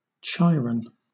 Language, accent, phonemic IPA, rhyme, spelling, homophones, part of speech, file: English, Southern England, /ˈkaɪɹən/, -aɪɹən, Chiron, chyron, proper noun, LL-Q1860 (eng)-Chiron.wav
- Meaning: 1. An old, wise centaur who served as Achilles' mentor and teacher 2. A centaur (minor planet) and comet-like/asteroid-like object, orbiting between Saturn and Uranus